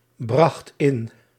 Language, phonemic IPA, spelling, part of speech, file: Dutch, /ˈbrɑxt ˈɪn/, bracht in, verb, Nl-bracht in.ogg
- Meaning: singular past indicative of inbrengen